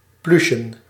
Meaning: plush
- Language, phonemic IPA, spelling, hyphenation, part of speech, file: Dutch, /ˈply.ʃə(n)/, pluchen, plu‧chen, adjective, Nl-pluchen.ogg